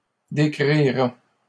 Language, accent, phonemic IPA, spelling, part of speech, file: French, Canada, /de.kʁi.ʁa/, décrira, verb, LL-Q150 (fra)-décrira.wav
- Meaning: third-person singular future of décrire